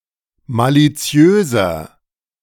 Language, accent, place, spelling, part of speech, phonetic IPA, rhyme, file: German, Germany, Berlin, maliziöser, adjective, [ˌmaliˈt͡si̯øːzɐ], -øːzɐ, De-maliziöser.ogg
- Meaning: 1. comparative degree of maliziös 2. inflection of maliziös: strong/mixed nominative masculine singular 3. inflection of maliziös: strong genitive/dative feminine singular